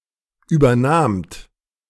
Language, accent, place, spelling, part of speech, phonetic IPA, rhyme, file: German, Germany, Berlin, übernahmt, verb, [ˌyːbɐˈnaːmt], -aːmt, De-übernahmt.ogg
- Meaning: second-person plural preterite of übernehmen